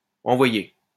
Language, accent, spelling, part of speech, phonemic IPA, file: French, France, envoyez, verb, /ɑ̃.vwa.je/, LL-Q150 (fra)-envoyez.wav
- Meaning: inflection of envoyer: 1. second-person plural present indicative 2. second-person plural imperative